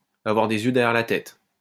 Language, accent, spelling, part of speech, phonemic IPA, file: French, France, avoir des yeux derrière la tête, verb, /a.vwaʁ de.z‿jø dɛ.ʁjɛʁ la tɛt/, LL-Q150 (fra)-avoir des yeux derrière la tête.wav
- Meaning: to have eyes in the back of one's head